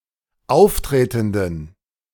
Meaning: inflection of auftretend: 1. strong genitive masculine/neuter singular 2. weak/mixed genitive/dative all-gender singular 3. strong/weak/mixed accusative masculine singular 4. strong dative plural
- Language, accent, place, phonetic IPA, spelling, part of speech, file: German, Germany, Berlin, [ˈaʊ̯fˌtʁeːtn̩dən], auftretenden, adjective, De-auftretenden.ogg